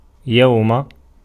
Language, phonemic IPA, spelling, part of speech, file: Arabic, /jaw.ma/, يوم, conjunction, Ar-يوم.ogg
- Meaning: at the day when